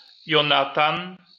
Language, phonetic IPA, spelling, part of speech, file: Polish, [jɔ̃ˈnatãn], Jonatan, proper noun, LL-Q809 (pol)-Jonatan.wav